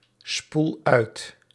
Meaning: inflection of uitspoelen: 1. first-person singular present indicative 2. second-person singular present indicative 3. imperative
- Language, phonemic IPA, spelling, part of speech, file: Dutch, /ˈspul ˈœyt/, spoel uit, verb, Nl-spoel uit.ogg